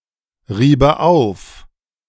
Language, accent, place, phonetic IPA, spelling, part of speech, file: German, Germany, Berlin, [ˌʁiːbə ˈaʊ̯f], riebe auf, verb, De-riebe auf.ogg
- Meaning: first/third-person singular subjunctive II of aufreiben